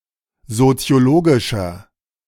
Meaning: inflection of soziologisch: 1. strong/mixed nominative masculine singular 2. strong genitive/dative feminine singular 3. strong genitive plural
- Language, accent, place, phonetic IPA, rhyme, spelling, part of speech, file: German, Germany, Berlin, [zot͡si̯oˈloːɡɪʃɐ], -oːɡɪʃɐ, soziologischer, adjective, De-soziologischer.ogg